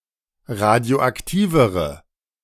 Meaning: inflection of radioaktiv: 1. strong/mixed nominative/accusative feminine singular comparative degree 2. strong nominative/accusative plural comparative degree
- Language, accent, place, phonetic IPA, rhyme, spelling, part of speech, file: German, Germany, Berlin, [ˌʁadi̯oʔakˈtiːvəʁə], -iːvəʁə, radioaktivere, adjective, De-radioaktivere.ogg